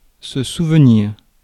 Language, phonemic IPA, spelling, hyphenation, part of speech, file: French, /su.v(ə).niʁ/, souvenir, sou‧ve‧nir, verb / noun, Fr-souvenir.ogg
- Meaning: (verb) to remember; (noun) 1. memory (mental picture) 2. souvenir